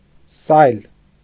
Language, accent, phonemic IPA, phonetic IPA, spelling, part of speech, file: Armenian, Eastern Armenian, /sɑjl/, [sɑjl], սայլ, noun / adjective, Hy-սայլ.ogg
- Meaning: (noun) 1. oxcart, cart 2. waggon; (adjective) cartload